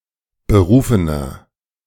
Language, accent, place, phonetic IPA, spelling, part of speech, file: German, Germany, Berlin, [bəˈʁuːfənɐ], berufener, adjective, De-berufener.ogg
- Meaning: inflection of berufen: 1. strong/mixed nominative masculine singular 2. strong genitive/dative feminine singular 3. strong genitive plural